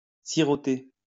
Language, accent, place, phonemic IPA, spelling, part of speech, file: French, France, Lyon, /si.ʁɔ.te/, siroter, verb, LL-Q150 (fra)-siroter.wav
- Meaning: to sip